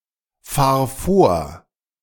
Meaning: singular imperative of vorfahren
- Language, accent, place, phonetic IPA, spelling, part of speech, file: German, Germany, Berlin, [ˌfaːɐ̯ ˈfoːɐ̯], fahr vor, verb, De-fahr vor.ogg